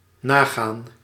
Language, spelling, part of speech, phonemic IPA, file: Dutch, nagaan, verb, /ˈnaːɣaːn/, Nl-nagaan.ogg
- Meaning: to check, to verify